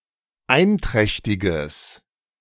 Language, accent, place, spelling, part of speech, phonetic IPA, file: German, Germany, Berlin, einträchtiges, adjective, [ˈaɪ̯nˌtʁɛçtɪɡəs], De-einträchtiges.ogg
- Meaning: strong/mixed nominative/accusative neuter singular of einträchtig